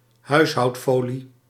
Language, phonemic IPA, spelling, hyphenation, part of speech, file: Dutch, /ˈɦœy̯s.ɦɑu̯tˌfoː.li/, huishoudfolie, huis‧houd‧fo‧lie, noun, Nl-huishoudfolie.ogg
- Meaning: clingfilm